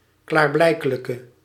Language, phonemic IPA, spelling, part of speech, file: Dutch, /ˌklaːrˈblɛi̯kələkə/, klaarblijkelijke, adjective, Nl-klaarblijkelijke.ogg
- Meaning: inflection of klaarblijkelijk: 1. masculine/feminine singular attributive 2. definite neuter singular attributive 3. plural attributive